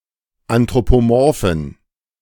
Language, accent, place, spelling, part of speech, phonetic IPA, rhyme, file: German, Germany, Berlin, anthropomorphen, adjective, [antʁopoˈmɔʁfn̩], -ɔʁfn̩, De-anthropomorphen.ogg
- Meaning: inflection of anthropomorph: 1. strong genitive masculine/neuter singular 2. weak/mixed genitive/dative all-gender singular 3. strong/weak/mixed accusative masculine singular 4. strong dative plural